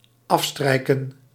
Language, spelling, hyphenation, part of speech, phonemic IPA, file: Dutch, afstrijken, af‧strij‧ken, verb, /ˈɑfstrɛi̯kə(n)/, Nl-afstrijken.ogg
- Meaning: 1. to strike (a match, to attempt to ignite it) 2. to rub out